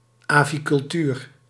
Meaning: aviculture, bird husbandry
- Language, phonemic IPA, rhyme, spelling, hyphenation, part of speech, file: Dutch, /ˌaː.vi.kʏlˈtyːr/, -yːr, avicultuur, avi‧cul‧tuur, noun, Nl-avicultuur.ogg